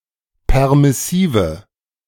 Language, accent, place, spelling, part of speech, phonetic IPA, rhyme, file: German, Germany, Berlin, permissive, adjective, [ˌpɛʁmɪˈsiːvə], -iːvə, De-permissive.ogg
- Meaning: inflection of permissiv: 1. strong/mixed nominative/accusative feminine singular 2. strong nominative/accusative plural 3. weak nominative all-gender singular